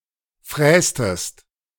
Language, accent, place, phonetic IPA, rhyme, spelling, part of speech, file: German, Germany, Berlin, [ˈfʁɛːstəst], -ɛːstəst, frästest, verb, De-frästest.ogg
- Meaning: inflection of fräsen: 1. second-person singular preterite 2. second-person singular subjunctive II